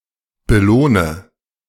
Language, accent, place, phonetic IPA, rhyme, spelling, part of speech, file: German, Germany, Berlin, [bəˈloːnə], -oːnə, belohne, verb, De-belohne.ogg
- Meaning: inflection of belohnen: 1. first-person singular present 2. first/third-person singular subjunctive I 3. singular imperative